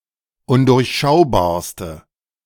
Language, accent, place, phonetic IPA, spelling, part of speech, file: German, Germany, Berlin, [ˈʊndʊʁçˌʃaʊ̯baːɐ̯stə], undurchschaubarste, adjective, De-undurchschaubarste.ogg
- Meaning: inflection of undurchschaubar: 1. strong/mixed nominative/accusative feminine singular superlative degree 2. strong nominative/accusative plural superlative degree